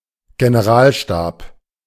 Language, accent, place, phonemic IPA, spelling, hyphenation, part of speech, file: German, Germany, Berlin, /ɡenəˈʁaːlˌʃtaːp/, Generalstab, Ge‧ne‧ral‧stab, noun, De-Generalstab.ogg
- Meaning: general staff